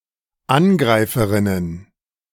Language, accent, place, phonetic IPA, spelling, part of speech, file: German, Germany, Berlin, [ˈanˌɡʁaɪ̯fəʁɪnən], Angreiferinnen, noun, De-Angreiferinnen.ogg
- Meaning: plural of Angreiferin